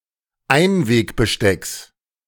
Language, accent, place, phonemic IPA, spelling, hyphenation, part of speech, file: German, Germany, Berlin, /ˈaɪ̯nˌveːkbəˌʃtɛks/, Einwegbestecks, Ein‧weg‧be‧stecks, noun, De-Einwegbestecks.ogg
- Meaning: genitive singular of Einwegbesteck